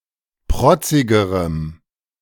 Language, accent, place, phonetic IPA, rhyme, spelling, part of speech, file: German, Germany, Berlin, [ˈpʁɔt͡sɪɡəʁəm], -ɔt͡sɪɡəʁəm, protzigerem, adjective, De-protzigerem.ogg
- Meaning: strong dative masculine/neuter singular comparative degree of protzig